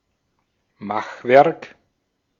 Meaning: 1. bad job, badly crafted object 2. crafted object
- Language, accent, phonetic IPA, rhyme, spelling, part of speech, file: German, Austria, [ˈmaxˌvɛʁk], -axvɛʁk, Machwerk, noun, De-at-Machwerk.ogg